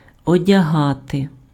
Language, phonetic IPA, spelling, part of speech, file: Ukrainian, [ɔdʲɐˈɦate], одягати, verb, Uk-одягати.ogg
- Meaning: 1. to dress, to clothe 2. to put on, to don (:garment, accessory)